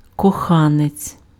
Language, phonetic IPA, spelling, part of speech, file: Ukrainian, [kɔˈxanet͡sʲ], коханець, noun, Uk-коханець.ogg
- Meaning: lover